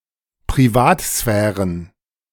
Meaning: plural of Privatsphäre
- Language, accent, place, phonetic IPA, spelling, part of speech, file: German, Germany, Berlin, [pʁiˈvaːtˌsfɛːʁən], Privatsphären, noun, De-Privatsphären.ogg